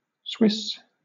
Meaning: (adjective) Of, from, or pertaining to Switzerland or the Swiss people; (noun) 1. A person from Switzerland or of Swiss descent 2. Swiss cheese
- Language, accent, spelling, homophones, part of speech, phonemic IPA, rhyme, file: English, Southern England, Swiss, swiss, adjective / noun / proper noun, /swɪs/, -ɪs, LL-Q1860 (eng)-Swiss.wav